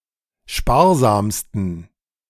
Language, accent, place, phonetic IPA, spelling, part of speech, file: German, Germany, Berlin, [ˈʃpaːɐ̯zaːmstn̩], sparsamsten, adjective, De-sparsamsten.ogg
- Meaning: 1. superlative degree of sparsam 2. inflection of sparsam: strong genitive masculine/neuter singular superlative degree